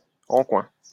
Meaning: from the corner, from the side (such as from that of a smirk) (of a smile or look)
- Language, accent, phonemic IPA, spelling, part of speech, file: French, France, /ɑ̃ kwɛ̃/, en coin, adjective, LL-Q150 (fra)-en coin.wav